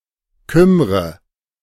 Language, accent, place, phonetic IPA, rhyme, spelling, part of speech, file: German, Germany, Berlin, [ˈkʏmʁə], -ʏmʁə, kümmre, verb, De-kümmre.ogg
- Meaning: inflection of kümmern: 1. first-person singular present 2. first/third-person singular subjunctive I 3. singular imperative